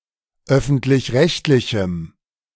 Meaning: strong dative masculine/neuter singular of öffentlich-rechtlich
- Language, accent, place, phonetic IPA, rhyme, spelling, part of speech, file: German, Germany, Berlin, [ˈœfn̩tlɪçˈʁɛçtlɪçm̩], -ɛçtlɪçm̩, öffentlich-rechtlichem, adjective, De-öffentlich-rechtlichem.ogg